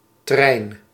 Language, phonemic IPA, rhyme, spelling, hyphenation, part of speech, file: Dutch, /trɛi̯n/, -ɛi̯n, trein, trein, noun, Nl-trein.ogg
- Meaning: 1. train (railway vehicle) 2. train, convoy, retinue, procession